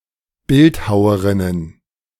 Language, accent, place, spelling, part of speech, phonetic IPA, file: German, Germany, Berlin, Bildhauerinnen, noun, [ˈbɪltˌhaʊ̯əʁɪnən], De-Bildhauerinnen.ogg
- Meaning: plural of Bildhauerin